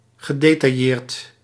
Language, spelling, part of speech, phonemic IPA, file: Dutch, gedetailleerd, adjective / verb, /ɣəˌdetɑˈjert/, Nl-gedetailleerd.ogg
- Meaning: detailed